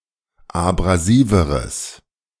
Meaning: strong/mixed nominative/accusative neuter singular comparative degree of abrasiv
- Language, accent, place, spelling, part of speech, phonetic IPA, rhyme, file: German, Germany, Berlin, abrasiveres, adjective, [abʁaˈziːvəʁəs], -iːvəʁəs, De-abrasiveres.ogg